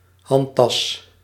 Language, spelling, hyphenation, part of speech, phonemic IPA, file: Dutch, handtas, hand‧tas, noun, /ˈɦɑn.tɑs/, Nl-handtas.ogg
- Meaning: handbag (Commonwealth), purse (US)